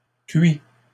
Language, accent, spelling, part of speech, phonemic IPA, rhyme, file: French, Canada, cuit, adjective / verb, /kɥi/, -ɥi, LL-Q150 (fra)-cuit.wav
- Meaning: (adjective) 1. cooked 2. sozzled, smashed (intoxicated by alcohol); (verb) 1. third-person singular present indicative of cuire 2. past participle of cuire